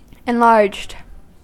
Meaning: simple past and past participle of enlarge
- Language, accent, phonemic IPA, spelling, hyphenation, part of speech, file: English, US, /ɪnˈlɑɹd͡ʒd/, enlarged, en‧larged, verb, En-us-enlarged.ogg